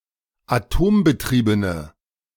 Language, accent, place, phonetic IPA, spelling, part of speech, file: German, Germany, Berlin, [aˈtoːmbəˌtʁiːbənə], atombetriebene, adjective, De-atombetriebene.ogg
- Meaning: inflection of atombetrieben: 1. strong/mixed nominative/accusative feminine singular 2. strong nominative/accusative plural 3. weak nominative all-gender singular